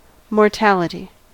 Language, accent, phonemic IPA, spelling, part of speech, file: English, US, /mɔɹˈtælɪti/, mortality, noun, En-us-mortality.ogg
- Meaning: The state or quality of being mortal.: 1. The state of being susceptible to death 2. The quality of being punishable by death 3. The quality of causing death